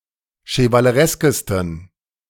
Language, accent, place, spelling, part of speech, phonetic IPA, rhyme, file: German, Germany, Berlin, chevalereskesten, adjective, [ʃəvaləˈʁɛskəstn̩], -ɛskəstn̩, De-chevalereskesten.ogg
- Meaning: 1. superlative degree of chevaleresk 2. inflection of chevaleresk: strong genitive masculine/neuter singular superlative degree